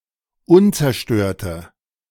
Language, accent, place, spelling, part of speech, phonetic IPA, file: German, Germany, Berlin, unzerstörte, adjective, [ˈʊnt͡sɛɐ̯ˌʃtøːɐ̯tə], De-unzerstörte.ogg
- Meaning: inflection of unzerstört: 1. strong/mixed nominative/accusative feminine singular 2. strong nominative/accusative plural 3. weak nominative all-gender singular